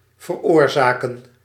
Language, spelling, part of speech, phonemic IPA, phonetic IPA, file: Dutch, veroorzaken, verb, /vərˈoːrˌzaːkə(n)/, [vərˈʊːrˌzaːkə(n)], Nl-veroorzaken.ogg
- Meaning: to cause